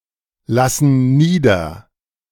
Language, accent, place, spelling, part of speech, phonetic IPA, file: German, Germany, Berlin, lassen nieder, verb, [ˌlasn̩ ˈniːdɐ], De-lassen nieder.ogg
- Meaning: inflection of niederlassen: 1. first/third-person plural present 2. first/third-person plural subjunctive I